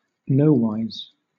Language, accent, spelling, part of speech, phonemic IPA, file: English, Southern England, nowise, adverb, /ˈnəʊwaɪz/, LL-Q1860 (eng)-nowise.wav
- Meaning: (In) no way, (in) no manner; not at all